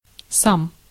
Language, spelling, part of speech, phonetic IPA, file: Russian, сам, pronoun, [sam], Ru-сам.ogg
- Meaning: 1. self, -self 2. alone